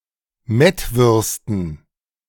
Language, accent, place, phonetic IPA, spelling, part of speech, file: German, Germany, Berlin, [ˈmɛtˌvʏʁstn̩], Mettwürsten, noun, De-Mettwürsten.ogg
- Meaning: dative plural of Mettwurst